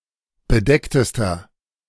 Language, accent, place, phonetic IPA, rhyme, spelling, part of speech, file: German, Germany, Berlin, [bəˈdɛktəstɐ], -ɛktəstɐ, bedecktester, adjective, De-bedecktester.ogg
- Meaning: inflection of bedeckt: 1. strong/mixed nominative masculine singular superlative degree 2. strong genitive/dative feminine singular superlative degree 3. strong genitive plural superlative degree